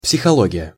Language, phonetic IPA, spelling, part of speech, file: Russian, [psʲɪxɐˈɫoɡʲɪjə], психология, noun, Ru-психология.ogg
- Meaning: psychology